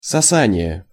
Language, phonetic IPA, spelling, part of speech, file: Russian, [sɐˈsanʲɪje], сосание, noun, Ru-сосание.ogg
- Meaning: 1. sucking 2. suction (the process of creating an imbalance in pressure to draw matter from one place to another)